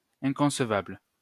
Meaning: inconceivable
- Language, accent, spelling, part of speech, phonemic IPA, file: French, France, inconcevable, adjective, /ɛ̃.kɔ̃s.vabl/, LL-Q150 (fra)-inconcevable.wav